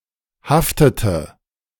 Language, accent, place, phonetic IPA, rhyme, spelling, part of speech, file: German, Germany, Berlin, [ˈhaftətə], -aftətə, haftete, verb, De-haftete.ogg
- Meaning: inflection of haften: 1. first/third-person singular preterite 2. first/third-person singular subjunctive II